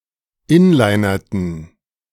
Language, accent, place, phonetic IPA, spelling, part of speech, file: German, Germany, Berlin, [ˈɪnlaɪ̯nɐtn̩], inlinerten, verb, De-inlinerten.ogg
- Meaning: inflection of inlinern: 1. first/third-person plural preterite 2. first/third-person plural subjunctive II